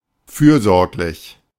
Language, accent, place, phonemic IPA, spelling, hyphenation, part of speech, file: German, Germany, Berlin, /ˈfyːɐ̯ˌzɔʁklɪç/, fürsorglich, für‧sorg‧lich, adjective, De-fürsorglich.ogg
- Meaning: caring, solicitous